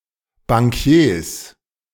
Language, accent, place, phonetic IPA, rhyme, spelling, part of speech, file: German, Germany, Berlin, [baŋˈki̯eːs], -eːs, Bankiers, noun, De-Bankiers.ogg
- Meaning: plural of Bankier